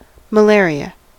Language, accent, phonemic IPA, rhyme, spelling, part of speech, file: English, US, /məˈlɛəɹi.ə/, -ɛəɹiə, malaria, noun, En-us-malaria.ogg
- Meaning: 1. A disease spread by mosquito, in which a protozoan, Plasmodium, multiplies in blood every few days 2. Supposed poisonous air arising from marshy districts, once thought to cause fever